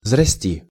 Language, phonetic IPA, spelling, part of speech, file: Russian, [vzrɐˈsʲtʲi], взрасти, verb, Ru-взрасти.ogg
- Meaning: second-person singular imperative perfective of взрасти́ть (vzrastítʹ)